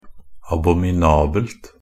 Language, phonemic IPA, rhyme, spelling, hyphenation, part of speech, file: Norwegian Bokmål, /abɔmɪˈnɑːbəlt/, -əlt, abominabelt, a‧bo‧mi‧na‧belt, adjective, Nb-abominabelt.ogg
- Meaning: neuter singular of abominabel